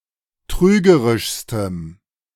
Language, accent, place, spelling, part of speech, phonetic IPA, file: German, Germany, Berlin, trügerischstem, adjective, [ˈtʁyːɡəʁɪʃstəm], De-trügerischstem.ogg
- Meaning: strong dative masculine/neuter singular superlative degree of trügerisch